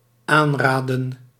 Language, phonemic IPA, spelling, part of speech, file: Dutch, /ˈanradə(n)/, aanraadden, verb, Nl-aanraadden.ogg
- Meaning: inflection of aanraden: 1. plural dependent-clause past indicative 2. plural dependent-clause past subjunctive